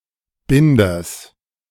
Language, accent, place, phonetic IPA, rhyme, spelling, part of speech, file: German, Germany, Berlin, [ˈbɪndɐs], -ɪndɐs, Binders, noun, De-Binders.ogg
- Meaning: genitive singular of Binder